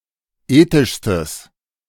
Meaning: strong/mixed nominative/accusative neuter singular superlative degree of ethisch
- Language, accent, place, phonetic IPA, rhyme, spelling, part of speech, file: German, Germany, Berlin, [ˈeːtɪʃstəs], -eːtɪʃstəs, ethischstes, adjective, De-ethischstes.ogg